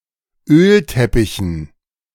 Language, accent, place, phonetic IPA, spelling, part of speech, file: German, Germany, Berlin, [ˈøːlˌtɛpɪçn̩], Ölteppichen, noun, De-Ölteppichen.ogg
- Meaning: dative plural of Ölteppich